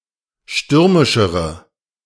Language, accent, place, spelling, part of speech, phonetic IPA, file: German, Germany, Berlin, stürmischere, adjective, [ˈʃtʏʁmɪʃəʁə], De-stürmischere.ogg
- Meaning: inflection of stürmisch: 1. strong/mixed nominative/accusative feminine singular comparative degree 2. strong nominative/accusative plural comparative degree